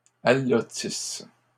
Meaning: second-person singular present/imperfect subjunctive of allotir
- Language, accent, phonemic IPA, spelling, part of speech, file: French, Canada, /a.lɔ.tis/, allotisses, verb, LL-Q150 (fra)-allotisses.wav